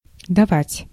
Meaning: 1. to give 2. to let, to allow 3. to hit, to strike, to clip 4. to put out, to consent to sex
- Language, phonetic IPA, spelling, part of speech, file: Russian, [dɐˈvatʲ], давать, verb, Ru-давать.ogg